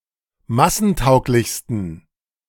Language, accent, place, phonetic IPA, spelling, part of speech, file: German, Germany, Berlin, [ˈmasn̩ˌtaʊ̯klɪçstn̩], massentauglichsten, adjective, De-massentauglichsten.ogg
- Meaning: 1. superlative degree of massentauglich 2. inflection of massentauglich: strong genitive masculine/neuter singular superlative degree